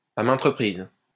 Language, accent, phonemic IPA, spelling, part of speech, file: French, France, /a mɛ̃t ʁə.pʁiz/, à maintes reprises, adverb, LL-Q150 (fra)-à maintes reprises.wav
- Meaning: repeatedly, time and again